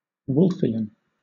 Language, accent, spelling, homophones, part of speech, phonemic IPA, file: English, Southern England, Wolffian, Wolfean / Wolfian / Woolfian, adjective, /ˈwʊlfiən/, LL-Q1860 (eng)-Wolffian.wav
- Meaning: 1. Relating to Caspar Friedrich Wolff (1733–1794), German physiologist and one of the founders of embryology 2. Relating to Christian Wolff (1679–1754), German philosopher